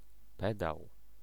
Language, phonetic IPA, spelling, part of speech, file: Polish, [ˈpɛdaw], pedał, noun, Pl-pedał.ogg